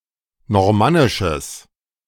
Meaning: strong/mixed nominative/accusative neuter singular of normannisch
- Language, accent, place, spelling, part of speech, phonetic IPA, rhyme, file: German, Germany, Berlin, normannisches, adjective, [nɔʁˈmanɪʃəs], -anɪʃəs, De-normannisches.ogg